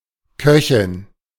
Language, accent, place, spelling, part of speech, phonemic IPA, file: German, Germany, Berlin, Köchin, noun, /ˈkœçɪn/, De-Köchin.ogg
- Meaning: cook, a cooker (female)